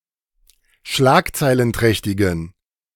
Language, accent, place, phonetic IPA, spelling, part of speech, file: German, Germany, Berlin, [ˈʃlaːkt͡saɪ̯lənˌtʁɛçtɪɡn̩], schlagzeilenträchtigen, adjective, De-schlagzeilenträchtigen.ogg
- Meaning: inflection of schlagzeilenträchtig: 1. strong genitive masculine/neuter singular 2. weak/mixed genitive/dative all-gender singular 3. strong/weak/mixed accusative masculine singular